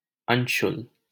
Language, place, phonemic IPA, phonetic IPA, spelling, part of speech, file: Hindi, Delhi, /ən.ʃʊl/, [ɐ̃ɲ.ʃʊl], अंशुल, adjective / proper noun, LL-Q1568 (hin)-अंशुल.wav
- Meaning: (adjective) radiant, luminous, bright, splendid; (proper noun) a male given name, Anshul, from Sanskrit